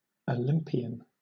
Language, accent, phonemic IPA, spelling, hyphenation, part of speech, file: English, Southern England, /əˈlɪm.pɪ.ən/, Olympian, Olymp‧i‧an, adjective / noun, LL-Q1860 (eng)-Olympian.wav
- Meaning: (adjective) Of or relating to Mount Olympus, the highest mountain in Greece; or (Greek mythology) the Greek gods and goddesses who were believed to live there